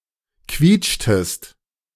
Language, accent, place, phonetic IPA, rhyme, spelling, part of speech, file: German, Germany, Berlin, [ˈkviːt͡ʃtəst], -iːt͡ʃtəst, quietschtest, verb, De-quietschtest.ogg
- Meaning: inflection of quietschen: 1. second-person singular preterite 2. second-person singular subjunctive II